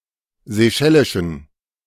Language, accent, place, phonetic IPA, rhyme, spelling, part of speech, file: German, Germany, Berlin, [zeˈʃɛlɪʃn̩], -ɛlɪʃn̩, seychellischen, adjective, De-seychellischen.ogg
- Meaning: inflection of seychellisch: 1. strong genitive masculine/neuter singular 2. weak/mixed genitive/dative all-gender singular 3. strong/weak/mixed accusative masculine singular 4. strong dative plural